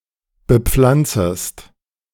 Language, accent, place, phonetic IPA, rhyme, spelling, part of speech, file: German, Germany, Berlin, [bəˈp͡flant͡səst], -ant͡səst, bepflanzest, verb, De-bepflanzest.ogg
- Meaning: second-person singular subjunctive I of bepflanzen